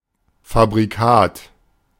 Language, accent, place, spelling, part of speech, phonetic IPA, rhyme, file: German, Germany, Berlin, Fabrikat, noun, [fabʁiˈkaːt], -aːt, De-Fabrikat.ogg
- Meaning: 1. make (brand) 2. manufactured product